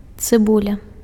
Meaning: onion (Allium cepa)
- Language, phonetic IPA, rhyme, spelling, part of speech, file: Belarusian, [t͡sɨˈbulʲa], -ulʲa, цыбуля, noun, Be-цыбуля.ogg